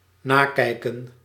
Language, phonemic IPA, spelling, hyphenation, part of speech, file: Dutch, /ˈnaːˌkɛi̯.kə(n)/, nakijken, na‧kij‧ken, verb, Nl-nakijken.ogg
- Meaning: 1. to check, to review 2. to grade, to mark (to review tests or assignments to determine marks) 3. to look back at